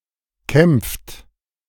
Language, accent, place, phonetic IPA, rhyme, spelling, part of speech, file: German, Germany, Berlin, [kɛmp͡ft], -ɛmp͡ft, kämpft, verb, De-kämpft.ogg
- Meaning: inflection of kämpfen: 1. third-person singular present 2. second-person plural present 3. plural imperative